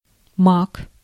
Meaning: 1. poppy 2. poppy seeds
- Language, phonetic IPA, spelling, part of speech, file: Russian, [mak], мак, noun, Ru-мак.ogg